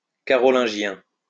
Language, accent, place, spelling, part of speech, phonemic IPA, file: French, France, Lyon, carolingien, adjective, /ka.ʁɔ.lɛ̃.ʒjɛ̃/, LL-Q150 (fra)-carolingien.wav
- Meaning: Carolingian